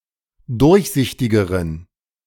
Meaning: inflection of durchsichtig: 1. strong genitive masculine/neuter singular comparative degree 2. weak/mixed genitive/dative all-gender singular comparative degree
- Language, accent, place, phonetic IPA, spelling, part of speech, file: German, Germany, Berlin, [ˈdʊʁçˌzɪçtɪɡəʁən], durchsichtigeren, adjective, De-durchsichtigeren.ogg